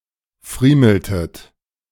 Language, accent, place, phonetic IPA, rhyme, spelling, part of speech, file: German, Germany, Berlin, [ˈfʁiːml̩tət], -iːml̩tət, friemeltet, verb, De-friemeltet.ogg
- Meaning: inflection of friemeln: 1. second-person plural preterite 2. second-person plural subjunctive II